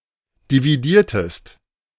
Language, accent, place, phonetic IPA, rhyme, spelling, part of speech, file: German, Germany, Berlin, [diviˈdiːɐ̯təst], -iːɐ̯təst, dividiertest, verb, De-dividiertest.ogg
- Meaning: inflection of dividieren: 1. second-person singular preterite 2. second-person singular subjunctive II